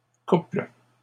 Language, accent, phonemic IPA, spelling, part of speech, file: French, Canada, /kupl/, couples, noun, LL-Q150 (fra)-couples.wav
- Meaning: plural of couple